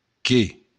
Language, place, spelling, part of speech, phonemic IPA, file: Occitan, Béarn, qué, adjective / pronoun, /ke/, LL-Q14185 (oci)-qué.wav
- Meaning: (adjective) which; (pronoun) 1. what 2. that, that which